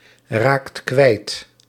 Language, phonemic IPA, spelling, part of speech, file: Dutch, /ˈrakt ˈkwɛit/, raakt kwijt, verb, Nl-raakt kwijt.ogg
- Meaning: inflection of kwijtraken: 1. second/third-person singular present indicative 2. plural imperative